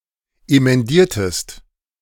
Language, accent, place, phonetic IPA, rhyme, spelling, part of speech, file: German, Germany, Berlin, [emɛnˈdiːɐ̯təst], -iːɐ̯təst, emendiertest, verb, De-emendiertest.ogg
- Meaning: inflection of emendieren: 1. second-person singular preterite 2. second-person singular subjunctive II